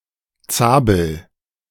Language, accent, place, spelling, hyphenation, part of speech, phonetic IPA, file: German, Germany, Berlin, Zabel, Za‧bel, noun / proper noun, [ˈt͡saːbl̩], De-Zabel.ogg
- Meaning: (noun) chessboard, playing-board; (proper noun) a surname